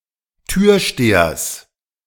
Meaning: genitive singular of Türsteher
- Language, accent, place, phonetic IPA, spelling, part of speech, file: German, Germany, Berlin, [ˈtyːɐ̯ˌʃteːɐs], Türstehers, noun, De-Türstehers.ogg